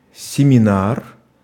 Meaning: seminar
- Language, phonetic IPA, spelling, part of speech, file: Russian, [sʲɪmʲɪˈnar], семинар, noun, Ru-семинар.ogg